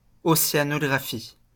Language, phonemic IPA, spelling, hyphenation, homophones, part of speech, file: French, /ɔ.se.a.nɔ.ɡʁa.fi/, océanographie, o‧cé‧a‧no‧gra‧phie, océanographies, noun, LL-Q150 (fra)-océanographie.wav
- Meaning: oceanography